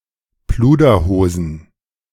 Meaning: plural of Pluderhose
- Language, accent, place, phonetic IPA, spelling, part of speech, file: German, Germany, Berlin, [ˈpluːdɐˌhoːzn̩], Pluderhosen, noun, De-Pluderhosen.ogg